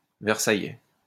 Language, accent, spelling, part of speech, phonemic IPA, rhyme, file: French, France, versaillais, adjective, /vɛʁ.sa.jɛ/, -ɛ, LL-Q150 (fra)-versaillais.wav
- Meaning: 1. of Versailles 2. that opposed the commune of 1871